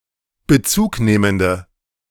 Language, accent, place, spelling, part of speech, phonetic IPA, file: German, Germany, Berlin, bezugnehmende, adjective, [bəˈt͡suːkˌneːməndə], De-bezugnehmende.ogg
- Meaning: inflection of bezugnehmend: 1. strong/mixed nominative/accusative feminine singular 2. strong nominative/accusative plural 3. weak nominative all-gender singular